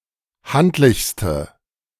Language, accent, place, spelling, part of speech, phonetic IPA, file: German, Germany, Berlin, handlichste, adjective, [ˈhantlɪçstə], De-handlichste.ogg
- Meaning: inflection of handlich: 1. strong/mixed nominative/accusative feminine singular superlative degree 2. strong nominative/accusative plural superlative degree